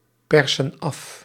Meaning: inflection of afpersen: 1. plural present indicative 2. plural present subjunctive
- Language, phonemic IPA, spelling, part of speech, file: Dutch, /ˈpɛrsə(n) ˈɑf/, persen af, verb, Nl-persen af.ogg